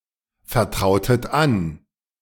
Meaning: inflection of anvertrauen: 1. second-person plural preterite 2. second-person plural subjunctive II
- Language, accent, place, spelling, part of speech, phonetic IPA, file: German, Germany, Berlin, vertrautet an, verb, [fɛɐ̯ˌtʁaʊ̯tət ˈan], De-vertrautet an.ogg